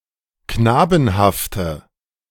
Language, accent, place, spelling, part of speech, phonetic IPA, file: German, Germany, Berlin, knabenhafte, adjective, [ˈknaːbn̩haftə], De-knabenhafte.ogg
- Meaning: inflection of knabenhaft: 1. strong/mixed nominative/accusative feminine singular 2. strong nominative/accusative plural 3. weak nominative all-gender singular